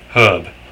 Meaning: 1. A plant whose stem is not woody and does not persist beyond each growing season 2. Grass; herbage 3. Any green, leafy plant, or parts thereof, used to flavour or season food
- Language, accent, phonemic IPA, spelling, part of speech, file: English, Australia, /hɜːb/, herb, noun, En-au-herb.ogg